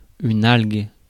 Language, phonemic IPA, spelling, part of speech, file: French, /alɡ/, algue, noun, Fr-algue.ogg
- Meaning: alga (any of many aquatic photosynthetic organisms)